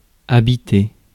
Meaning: 1. to live in, to occupy (to have as a home.) 2. to live (in)
- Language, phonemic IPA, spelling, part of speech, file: French, /a.bi.te/, habiter, verb, Fr-habiter.ogg